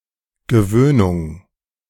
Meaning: habituation, accustomization
- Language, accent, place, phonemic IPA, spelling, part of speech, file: German, Germany, Berlin, /ɡəˈvøːnʊŋ/, Gewöhnung, noun, De-Gewöhnung.ogg